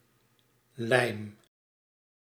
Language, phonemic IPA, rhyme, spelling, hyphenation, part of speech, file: Dutch, /lɛi̯m/, -ɛi̯m, lijm, lijm, noun / verb, Nl-lijm.ogg
- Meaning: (noun) glue; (verb) inflection of lijmen: 1. first-person singular present indicative 2. second-person singular present indicative 3. imperative